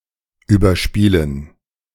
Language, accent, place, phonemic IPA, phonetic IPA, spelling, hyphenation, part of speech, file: German, Germany, Berlin, /ˌyːbɐˈʃpiːlən/, [ˌyːbɐˈʃpiːln̩], überspielen, über‧spie‧len, verb, De-überspielen.ogg
- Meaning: 1. to dub, to rerecord sth 2. to transfer sth